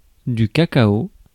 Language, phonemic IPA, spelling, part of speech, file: French, /ka.ka.o/, cacao, noun, Fr-cacao.ogg
- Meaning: cocoa